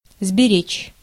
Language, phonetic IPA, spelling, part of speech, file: Russian, [zbʲɪˈrʲet͡ɕ], сберечь, verb, Ru-сберечь.ogg
- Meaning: 1. to save, to preserve 2. to spare